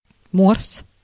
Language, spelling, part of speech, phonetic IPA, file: Russian, морс, noun, [mors], Ru-морс.ogg
- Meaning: mors (a traditional Russian non-carbonated drink made from wild berries, usually lingonberry and/or cranberry)